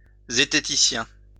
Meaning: zetetician
- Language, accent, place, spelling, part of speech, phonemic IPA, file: French, France, Lyon, zététicien, noun, /ze.te.ti.sjɛ̃/, LL-Q150 (fra)-zététicien.wav